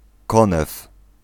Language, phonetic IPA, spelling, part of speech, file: Polish, [ˈkɔ̃nɛf], konew, noun, Pl-konew.ogg